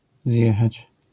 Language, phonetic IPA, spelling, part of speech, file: Polish, [ˈzʲjɛxat͡ɕ], zjechać, verb, LL-Q809 (pol)-zjechać.wav